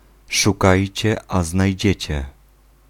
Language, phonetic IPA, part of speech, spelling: Polish, [ʃuˈkajt͡ɕɛ ˌa‿znajˈd͡ʑɛ̇t͡ɕɛ], proverb, szukajcie, a znajdziecie